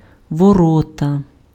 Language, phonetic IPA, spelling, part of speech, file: Ukrainian, [wɔˈrɔtɐ], ворота, noun, Uk-ворота.ogg
- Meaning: 1. gate 2. goal 3. entry point (of nerves) 4. portal of entry (organ or tissue through which an infectious agent enters the body)